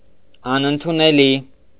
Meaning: unacceptable, inadmissible
- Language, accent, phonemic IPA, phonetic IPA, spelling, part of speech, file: Armenian, Eastern Armenian, /ɑnənduneˈli/, [ɑnəndunelí], անընդունելի, adjective, Hy-անընդունելի.ogg